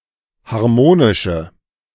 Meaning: inflection of harmonisch: 1. strong/mixed nominative/accusative feminine singular 2. strong nominative/accusative plural 3. weak nominative all-gender singular
- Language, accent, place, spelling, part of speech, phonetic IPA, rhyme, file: German, Germany, Berlin, harmonische, adjective, [haʁˈmoːnɪʃə], -oːnɪʃə, De-harmonische.ogg